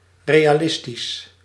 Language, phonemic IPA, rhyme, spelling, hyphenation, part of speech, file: Dutch, /ˌreː.aːˈlɪs.tis/, -ɪstis, realistisch, re‧a‧lis‧tisch, adjective, Nl-realistisch.ogg
- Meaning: realistic